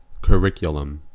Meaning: 1. The set of courses, coursework, and content offered at a school or university 2. The set of standards schools are required to teach all students 3. A racecourse; a place for running
- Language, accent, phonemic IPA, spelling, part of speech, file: English, US, /kəˈɹɪk.jə.ləm/, curriculum, noun, En-us-curriculum.ogg